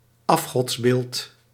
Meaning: statue or figurine of an idol; idol
- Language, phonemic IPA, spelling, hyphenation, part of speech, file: Dutch, /ˈɑf.xɔtsˌbeːlt/, afgodsbeeld, af‧gods‧beeld, noun, Nl-afgodsbeeld.ogg